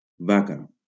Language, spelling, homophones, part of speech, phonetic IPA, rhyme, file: Catalan, vaca, baca, noun, [ˈva.ka], -aka, LL-Q7026 (cat)-vaca.wav
- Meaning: 1. cow 2. torpedo (ray of the genus Torpedo) 3. painted comber (fish of species Serranus scriba)